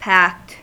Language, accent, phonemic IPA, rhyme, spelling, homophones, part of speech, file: English, US, /pækt/, -ækt, packed, pact, verb / adjective, En-us-packed.ogg
- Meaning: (verb) simple past and past participle of pack; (adjective) 1. Put into a package 2. Filled with a large number or large quantity of something 3. Filled to capacity with people